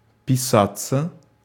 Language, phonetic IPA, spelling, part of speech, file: Russian, [pʲɪˈsat͡sːə], писаться, verb, Ru-писаться.ogg
- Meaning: passive of писа́ть (pisátʹ) to spell, to be spelt; to be spelled